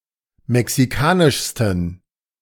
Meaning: 1. superlative degree of mexikanisch 2. inflection of mexikanisch: strong genitive masculine/neuter singular superlative degree
- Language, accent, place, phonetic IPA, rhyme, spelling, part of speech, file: German, Germany, Berlin, [mɛksiˈkaːnɪʃstn̩], -aːnɪʃstn̩, mexikanischsten, adjective, De-mexikanischsten.ogg